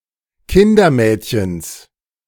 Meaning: genitive singular of Kindermädchen
- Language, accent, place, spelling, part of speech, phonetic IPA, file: German, Germany, Berlin, Kindermädchens, noun, [ˈkɪndɐˌmɛːtçəns], De-Kindermädchens.ogg